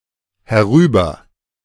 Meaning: over here (in direction towards the speaker)
- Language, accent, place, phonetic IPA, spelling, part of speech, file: German, Germany, Berlin, [hɛˈʁyːbɐ], herüber, adverb, De-herüber.ogg